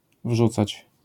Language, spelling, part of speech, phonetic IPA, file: Polish, wrzucać, verb, [ˈvʒut͡sat͡ɕ], LL-Q809 (pol)-wrzucać.wav